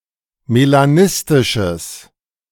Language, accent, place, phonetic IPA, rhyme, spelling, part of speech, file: German, Germany, Berlin, [melaˈnɪstɪʃəs], -ɪstɪʃəs, melanistisches, adjective, De-melanistisches.ogg
- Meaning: strong/mixed nominative/accusative neuter singular of melanistisch